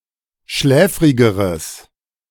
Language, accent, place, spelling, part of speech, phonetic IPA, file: German, Germany, Berlin, schläfrigeres, adjective, [ˈʃlɛːfʁɪɡəʁəs], De-schläfrigeres.ogg
- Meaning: strong/mixed nominative/accusative neuter singular comparative degree of schläfrig